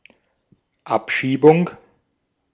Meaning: deportation
- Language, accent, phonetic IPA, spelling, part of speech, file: German, Austria, [ˈapˌʃiːbʊŋ], Abschiebung, noun, De-at-Abschiebung.ogg